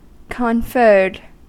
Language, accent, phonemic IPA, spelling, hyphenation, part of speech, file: English, US, /kənˈfɝd/, conferred, con‧ferred, verb, En-us-conferred.ogg
- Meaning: simple past and past participle of confer